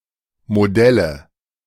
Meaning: nominative/accusative/genitive plural of Modell
- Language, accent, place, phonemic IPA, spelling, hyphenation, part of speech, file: German, Germany, Berlin, /moˈdɛlə/, Modelle, Mo‧delle, noun, De-Modelle.ogg